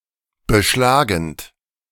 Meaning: present participle of beschlagen
- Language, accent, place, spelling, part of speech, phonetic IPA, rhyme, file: German, Germany, Berlin, beschlagend, verb, [bəˈʃlaːɡn̩t], -aːɡn̩t, De-beschlagend.ogg